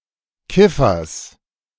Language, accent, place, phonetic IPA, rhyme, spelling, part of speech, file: German, Germany, Berlin, [ˈkɪfɐs], -ɪfɐs, Kiffers, noun, De-Kiffers.ogg
- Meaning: genitive singular of Kiffer